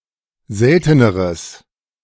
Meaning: strong/mixed nominative/accusative neuter singular comparative degree of selten
- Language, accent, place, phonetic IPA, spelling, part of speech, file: German, Germany, Berlin, [ˈzɛltənəʁəs], selteneres, adjective, De-selteneres.ogg